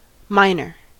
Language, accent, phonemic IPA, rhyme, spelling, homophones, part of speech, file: English, US, /ˈmaɪnə(ɹ)/, -aɪnə(ɹ), miner, minor, noun, En-us-miner.ogg
- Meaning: 1. A person who works in a mine 2. An operator of ordnance mines and similar explosives 3. Any bird of one of several species of South American ovenbirds in the genus Geositta